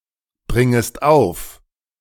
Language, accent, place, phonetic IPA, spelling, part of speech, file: German, Germany, Berlin, [ˌbʁɪŋəst ˈaʊ̯f], bringest auf, verb, De-bringest auf.ogg
- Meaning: second-person singular subjunctive I of aufbringen